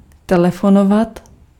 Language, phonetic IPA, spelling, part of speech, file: Czech, [ˈtɛlɛfonovat], telefonovat, verb, Cs-telefonovat.ogg
- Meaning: [with dative] to telephone, to phone (to call using a phone)